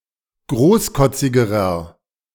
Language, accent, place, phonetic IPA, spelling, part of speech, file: German, Germany, Berlin, [ˈɡʁoːsˌkɔt͡sɪɡəʁɐ], großkotzigerer, adjective, De-großkotzigerer.ogg
- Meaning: inflection of großkotzig: 1. strong/mixed nominative masculine singular comparative degree 2. strong genitive/dative feminine singular comparative degree 3. strong genitive plural comparative degree